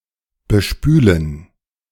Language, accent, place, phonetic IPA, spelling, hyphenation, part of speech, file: German, Germany, Berlin, [bəˈʃpyːlən], bespülen, be‧spü‧len, verb, De-bespülen.ogg
- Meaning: to bathe